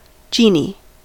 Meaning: A jinn, a being descended from the jann, normally invisible to the human eye, but who may also appear in animal or human form
- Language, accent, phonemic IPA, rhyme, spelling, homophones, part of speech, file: English, US, /ˈd͡ʒiː.ni/, -iːni, genie, Gini, noun, En-us-genie.ogg